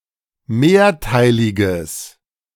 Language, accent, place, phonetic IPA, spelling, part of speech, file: German, Germany, Berlin, [ˈmeːɐ̯ˌtaɪ̯lɪɡəs], mehrteiliges, adjective, De-mehrteiliges.ogg
- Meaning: strong/mixed nominative/accusative neuter singular of mehrteilig